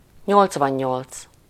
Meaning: eighty-eight
- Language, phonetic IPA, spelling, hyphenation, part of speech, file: Hungarian, [ˈɲolt͡svɒɲːolt͡s], nyolcvannyolc, nyolc‧van‧nyolc, numeral, Hu-nyolcvannyolc.ogg